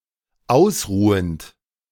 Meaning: present participle of ausruhen
- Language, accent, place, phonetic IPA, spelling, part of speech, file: German, Germany, Berlin, [ˈaʊ̯sˌʁuːənt], ausruhend, verb, De-ausruhend.ogg